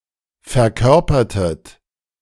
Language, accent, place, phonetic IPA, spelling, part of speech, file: German, Germany, Berlin, [fɛɐ̯ˈkœʁpɐtət], verkörpertet, verb, De-verkörpertet.ogg
- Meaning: inflection of verkörpern: 1. second-person plural preterite 2. second-person plural subjunctive II